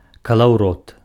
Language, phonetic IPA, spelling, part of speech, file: Belarusian, [kaɫau̯ˈrot], калаўрот, noun, Be-калаўрот.ogg
- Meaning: 1. spinning wheel 2. brace, bitstock